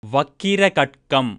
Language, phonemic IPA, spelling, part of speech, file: Tamil, /ʋɐkːɪɾɐɡɐʈkɐm/, வக்கிரகட்கம், noun, Ta-வக்கிரகட்கம்.ogg
- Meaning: scimitar